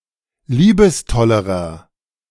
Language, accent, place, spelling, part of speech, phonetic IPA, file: German, Germany, Berlin, liebestollerer, adjective, [ˈliːbəsˌtɔləʁɐ], De-liebestollerer.ogg
- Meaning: inflection of liebestoll: 1. strong/mixed nominative masculine singular comparative degree 2. strong genitive/dative feminine singular comparative degree 3. strong genitive plural comparative degree